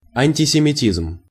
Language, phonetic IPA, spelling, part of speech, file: Russian, [ˌanʲtʲɪsʲɪmʲɪˈtʲizm], антисемитизм, noun, Ru-антисемитизм.ogg
- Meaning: anti-Semitism